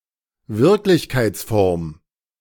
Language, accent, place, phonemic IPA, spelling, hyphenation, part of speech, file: German, Germany, Berlin, /ˈvɪʁklɪçkaɪ̯t͡sˌfɔʁm/, Wirklichkeitsform, Wirk‧lich‧keits‧form, noun, De-Wirklichkeitsform.ogg
- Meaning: 1. indicative 2. form in reality